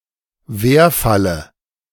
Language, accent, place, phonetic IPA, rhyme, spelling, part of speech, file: German, Germany, Berlin, [ˈveːɐ̯falə], -eːɐ̯falə, Werfalle, noun, De-Werfalle.ogg
- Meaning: dative of Werfall